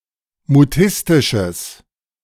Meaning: strong/mixed nominative/accusative neuter singular of mutistisch
- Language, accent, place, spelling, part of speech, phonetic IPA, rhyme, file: German, Germany, Berlin, mutistisches, adjective, [muˈtɪstɪʃəs], -ɪstɪʃəs, De-mutistisches.ogg